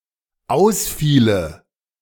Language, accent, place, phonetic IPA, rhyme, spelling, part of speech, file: German, Germany, Berlin, [ˈaʊ̯sˌfiːlə], -aʊ̯sfiːlə, ausfiele, verb, De-ausfiele.ogg
- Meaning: first/third-person singular dependent subjunctive II of ausfallen